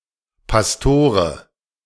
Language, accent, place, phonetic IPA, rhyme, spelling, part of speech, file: German, Germany, Berlin, [pasˈtoːʁə], -oːʁə, Pastore, noun, De-Pastore.ogg
- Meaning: dative singular of Pastor